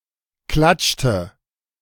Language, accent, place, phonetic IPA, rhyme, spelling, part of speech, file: German, Germany, Berlin, [ˈklat͡ʃtə], -at͡ʃtə, klatschte, verb, De-klatschte.ogg
- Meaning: inflection of klatschen: 1. first/third-person singular preterite 2. first/third-person singular subjunctive II